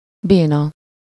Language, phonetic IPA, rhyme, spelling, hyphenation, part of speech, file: Hungarian, [ˈbeːnɒ], -nɒ, béna, bé‧na, adjective / noun, Hu-béna.ogg
- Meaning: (adjective) 1. lame (unable to move one or more body parts due to illness or injury) 2. handicapped, paralyzed 3. lame, uncool, sucks